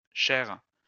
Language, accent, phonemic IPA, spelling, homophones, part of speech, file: French, France, /ʃɛʁ/, chères, chair / chaire / chaires / chairs / cher / chers / chère / cherres, adjective, LL-Q150 (fra)-chères.wav
- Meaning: feminine plural of cher